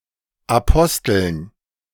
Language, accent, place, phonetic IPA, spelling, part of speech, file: German, Germany, Berlin, [aˈpɔstl̩n], Aposteln, noun, De-Aposteln.ogg
- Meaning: dative plural of Apostel